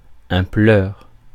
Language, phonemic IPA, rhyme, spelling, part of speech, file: French, /plœʁ/, -œʁ, pleur, noun, Fr-pleur.ogg
- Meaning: cry (action of producing tears)